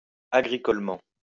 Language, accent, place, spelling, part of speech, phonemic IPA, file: French, France, Lyon, agricolement, adverb, /a.ɡʁi.kɔl.mɑ̃/, LL-Q150 (fra)-agricolement.wav
- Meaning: agriculturally